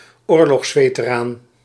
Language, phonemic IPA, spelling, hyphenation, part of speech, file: Dutch, /ˈoːr.lɔxs.feː.təˌraːn/, oorlogsveteraan, oor‧logs‧ve‧te‧raan, noun, Nl-oorlogsveteraan.ogg
- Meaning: war veteran (someone who has fought in a war)